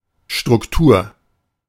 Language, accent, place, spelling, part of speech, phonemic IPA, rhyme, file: German, Germany, Berlin, Struktur, noun, /ʃtʁʊkˈtuːɐ̯/, -uːɐ̯, De-Struktur.ogg
- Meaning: structure